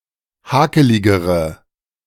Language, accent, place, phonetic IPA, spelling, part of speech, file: German, Germany, Berlin, [ˈhaːkəlɪɡəʁə], hakeligere, adjective, De-hakeligere.ogg
- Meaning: inflection of hakelig: 1. strong/mixed nominative/accusative feminine singular comparative degree 2. strong nominative/accusative plural comparative degree